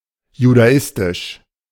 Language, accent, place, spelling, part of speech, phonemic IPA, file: German, Germany, Berlin, judaistisch, adjective, /judaˈɪstɪʃ/, De-judaistisch.ogg
- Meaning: Jewish studies